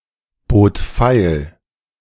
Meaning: first/third-person singular preterite of feilbieten
- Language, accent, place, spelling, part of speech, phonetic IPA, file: German, Germany, Berlin, bot feil, verb, [ˌboːt ˈfaɪ̯l], De-bot feil.ogg